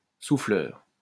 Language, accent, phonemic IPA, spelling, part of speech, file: French, France, /su.flœʁ/, souffleur, noun, LL-Q150 (fra)-souffleur.wav
- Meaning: 1. blower; glassblower 2. prompter (person) 3. blower (machine) 4. blower (animal which blows out air through its blowhole)